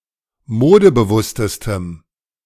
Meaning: strong dative masculine/neuter singular superlative degree of modebewusst
- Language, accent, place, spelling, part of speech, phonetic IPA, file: German, Germany, Berlin, modebewusstestem, adjective, [ˈmoːdəbəˌvʊstəstəm], De-modebewusstestem.ogg